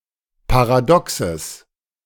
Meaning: genitive of Paradox
- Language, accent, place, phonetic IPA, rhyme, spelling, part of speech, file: German, Germany, Berlin, [paʁaˈdɔksəs], -ɔksəs, Paradoxes, noun, De-Paradoxes.ogg